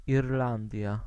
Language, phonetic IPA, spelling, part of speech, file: Polish, [irˈlãndʲja], Irlandia, proper noun, Pl-Irlandia.ogg